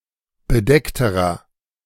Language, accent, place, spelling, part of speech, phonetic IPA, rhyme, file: German, Germany, Berlin, bedeckterer, adjective, [bəˈdɛktəʁɐ], -ɛktəʁɐ, De-bedeckterer.ogg
- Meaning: inflection of bedeckt: 1. strong/mixed nominative masculine singular comparative degree 2. strong genitive/dative feminine singular comparative degree 3. strong genitive plural comparative degree